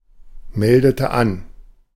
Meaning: inflection of anmelden: 1. first/third-person singular preterite 2. first/third-person singular subjunctive II
- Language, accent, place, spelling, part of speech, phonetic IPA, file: German, Germany, Berlin, meldete an, verb, [ˌmɛldətə ˈan], De-meldete an.ogg